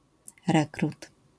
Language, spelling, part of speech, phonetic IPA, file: Polish, rekrut, noun, [ˈrɛkrut], LL-Q809 (pol)-rekrut.wav